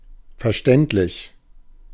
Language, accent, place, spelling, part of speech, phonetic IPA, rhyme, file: German, Germany, Berlin, verständlich, adjective, [fɛɐ̯ˈʃtɛntlɪç], -ɛntlɪç, De-verständlich.ogg
- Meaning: understandable, comprehensible